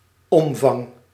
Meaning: 1. dimension, size, extensiveness, volume, magnitude, scope 2. ambitus of an instrument, vocal range 3. girth, circumference, perimeter of a shape
- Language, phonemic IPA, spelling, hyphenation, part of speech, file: Dutch, /ˈɔm.vɑŋ/, omvang, om‧vang, noun, Nl-omvang.ogg